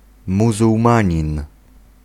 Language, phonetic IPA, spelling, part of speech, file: Polish, [ˌmuzuwˈmãɲĩn], muzułmanin, noun, Pl-muzułmanin.ogg